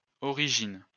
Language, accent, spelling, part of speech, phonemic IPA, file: French, France, origines, noun / verb, /ɔ.ʁi.ʒin/, LL-Q150 (fra)-origines.wav
- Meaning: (noun) plural of origine; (verb) second-person singular present indicative/subjunctive of originer